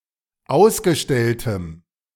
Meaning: strong dative masculine/neuter singular of ausgestellt
- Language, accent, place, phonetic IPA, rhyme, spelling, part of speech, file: German, Germany, Berlin, [ˈaʊ̯sɡəˌʃtɛltəm], -aʊ̯sɡəʃtɛltəm, ausgestelltem, adjective, De-ausgestelltem.ogg